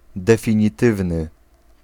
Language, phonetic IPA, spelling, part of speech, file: Polish, [ˌdɛfʲĩɲiˈtɨvnɨ], definitywny, adjective, Pl-definitywny.ogg